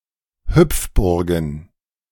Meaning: plural of Hüpfburg
- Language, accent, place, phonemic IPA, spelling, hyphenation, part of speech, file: German, Germany, Berlin, /ˈhʏpfbʊʁɡn̩/, Hüpfburgen, Hüpf‧bur‧gen, noun, De-Hüpfburgen.ogg